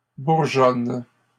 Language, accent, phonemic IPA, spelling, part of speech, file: French, Canada, /buʁ.ʒɔn/, bourgeonnes, verb, LL-Q150 (fra)-bourgeonnes.wav
- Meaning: second-person singular present indicative/subjunctive of bourgeonner